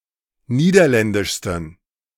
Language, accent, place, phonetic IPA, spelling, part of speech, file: German, Germany, Berlin, [ˈniːdɐˌlɛndɪʃstn̩], niederländischsten, adjective, De-niederländischsten.ogg
- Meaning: 1. superlative degree of niederländisch 2. inflection of niederländisch: strong genitive masculine/neuter singular superlative degree